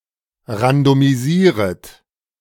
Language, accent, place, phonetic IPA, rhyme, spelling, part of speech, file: German, Germany, Berlin, [ʁandomiˈziːʁət], -iːʁət, randomisieret, verb, De-randomisieret.ogg
- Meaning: second-person plural subjunctive I of randomisieren